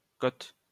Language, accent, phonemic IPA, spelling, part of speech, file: French, France, /kɔt/, kot, noun, LL-Q150 (fra)-kot.wav
- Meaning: student flat, student room